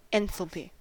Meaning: A measure of the heat content of a chemical or physical system
- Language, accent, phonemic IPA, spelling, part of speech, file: English, US, /ˈɛn.θəl.piː/, enthalpy, noun, En-us-enthalpy.ogg